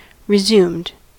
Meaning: simple past and past participle of resume
- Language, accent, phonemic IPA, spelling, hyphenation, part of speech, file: English, US, /ɹɪˈzumd/, resumed, re‧sumed, verb, En-us-resumed.ogg